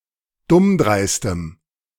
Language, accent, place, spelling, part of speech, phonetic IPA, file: German, Germany, Berlin, dummdreistem, adjective, [ˈdʊmˌdʁaɪ̯stəm], De-dummdreistem.ogg
- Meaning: strong dative masculine/neuter singular of dummdreist